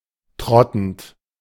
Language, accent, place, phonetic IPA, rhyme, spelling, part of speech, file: German, Germany, Berlin, [ˈtʁɔtn̩t], -ɔtn̩t, trottend, verb, De-trottend.ogg
- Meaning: present participle of trotten